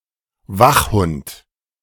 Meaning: guard dog
- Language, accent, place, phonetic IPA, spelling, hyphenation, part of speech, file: German, Germany, Berlin, [ˈvaχˌhʊnt], Wachhund, Wach‧hund, noun, De-Wachhund.ogg